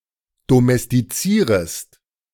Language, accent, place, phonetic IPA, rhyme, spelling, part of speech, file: German, Germany, Berlin, [domɛstiˈt͡siːʁəst], -iːʁəst, domestizierest, verb, De-domestizierest.ogg
- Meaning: second-person singular subjunctive I of domestizieren